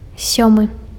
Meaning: seventh
- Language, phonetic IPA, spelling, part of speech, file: Belarusian, [ˈsʲomɨ], сёмы, adjective, Be-сёмы.ogg